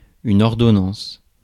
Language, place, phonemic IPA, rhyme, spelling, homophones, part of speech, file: French, Paris, /ɔʁ.dɔ.nɑ̃s/, -ɑ̃s, ordonnance, ordonnances, noun, Fr-ordonnance.ogg
- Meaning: 1. prescription 2. order, decree 3. ordinance